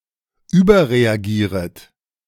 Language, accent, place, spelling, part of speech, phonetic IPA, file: German, Germany, Berlin, überreagieret, verb, [ˈyːbɐʁeaˌɡiːʁət], De-überreagieret.ogg
- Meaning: second-person plural subjunctive I of überreagieren